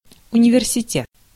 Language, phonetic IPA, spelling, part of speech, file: Russian, [ʊnʲɪvʲɪrsʲɪˈtʲet], университет, noun, Ru-университет.ogg
- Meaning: university